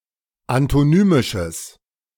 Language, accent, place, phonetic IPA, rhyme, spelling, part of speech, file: German, Germany, Berlin, [antoˈnyːmɪʃəs], -yːmɪʃəs, antonymisches, adjective, De-antonymisches.ogg
- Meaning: strong/mixed nominative/accusative neuter singular of antonymisch